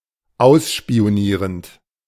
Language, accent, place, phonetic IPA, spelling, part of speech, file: German, Germany, Berlin, [ˈaʊ̯sʃpi̯oˌniːʁənt], ausspionierend, verb, De-ausspionierend.ogg
- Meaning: present participle of ausspionieren